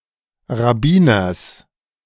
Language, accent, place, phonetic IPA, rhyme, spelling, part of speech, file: German, Germany, Berlin, [ʁaˈbiːnɐs], -iːnɐs, Rabbiners, noun, De-Rabbiners.ogg
- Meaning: genitive singular of Rabbiner